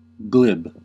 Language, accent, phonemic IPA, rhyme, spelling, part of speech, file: English, US, /ɡlɪb/, -ɪb, glib, adjective / verb / noun, En-us-glib.ogg
- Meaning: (adjective) 1. Having a ready flow of words but lacking thought or understanding; superficial; shallow 2. Smooth or slippery